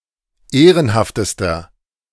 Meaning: inflection of ehrenhaft: 1. strong/mixed nominative masculine singular superlative degree 2. strong genitive/dative feminine singular superlative degree 3. strong genitive plural superlative degree
- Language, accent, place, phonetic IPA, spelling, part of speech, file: German, Germany, Berlin, [ˈeːʁənhaftəstɐ], ehrenhaftester, adjective, De-ehrenhaftester.ogg